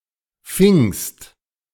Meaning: second-person singular preterite of fangen
- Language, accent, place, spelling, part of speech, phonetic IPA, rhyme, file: German, Germany, Berlin, fingst, verb, [fɪŋst], -ɪŋst, De-fingst.ogg